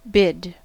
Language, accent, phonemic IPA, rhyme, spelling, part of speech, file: English, US, /bɪd/, -ɪd, bid, verb / noun, En-us-bid.ogg
- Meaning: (verb) 1. To issue a command; to tell 2. To invite; to summon 3. To utter a greeting or salutation 4. To proclaim (a bede, prayer); to pray 5. To make an offer to pay or accept a certain price